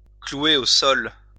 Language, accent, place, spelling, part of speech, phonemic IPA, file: French, France, Lyon, clouer au sol, verb, /klu.e o sɔl/, LL-Q150 (fra)-clouer au sol.wav
- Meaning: to pin down (a person); to ground (an aircraft)